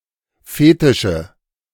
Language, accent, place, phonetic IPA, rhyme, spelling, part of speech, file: German, Germany, Berlin, [ˈfeːtɪʃə], -eːtɪʃə, Fetische, noun, De-Fetische.ogg
- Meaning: 1. dative singular of Fetisch 2. nominative/accusative/genitive plural of Fetisch